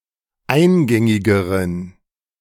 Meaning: inflection of eingängig: 1. strong genitive masculine/neuter singular comparative degree 2. weak/mixed genitive/dative all-gender singular comparative degree
- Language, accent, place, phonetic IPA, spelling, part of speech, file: German, Germany, Berlin, [ˈaɪ̯nˌɡɛŋɪɡəʁən], eingängigeren, adjective, De-eingängigeren.ogg